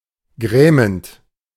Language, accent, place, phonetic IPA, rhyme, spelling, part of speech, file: German, Germany, Berlin, [ˈɡʁɛːmənt], -ɛːmənt, grämend, verb, De-grämend.ogg
- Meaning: present participle of grämen